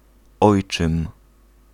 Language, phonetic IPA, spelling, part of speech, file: Polish, [ˈɔjt͡ʃɨ̃m], ojczym, noun, Pl-ojczym.ogg